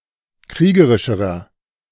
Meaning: inflection of kriegerisch: 1. strong/mixed nominative masculine singular comparative degree 2. strong genitive/dative feminine singular comparative degree 3. strong genitive plural comparative degree
- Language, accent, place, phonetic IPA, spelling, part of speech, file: German, Germany, Berlin, [ˈkʁiːɡəʁɪʃəʁɐ], kriegerischerer, adjective, De-kriegerischerer.ogg